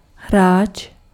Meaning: 1. player (of a game) 2. player (on a musical instrument)
- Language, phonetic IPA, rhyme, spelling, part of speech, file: Czech, [ˈɦraːt͡ʃ], -aːtʃ, hráč, noun, Cs-hráč.ogg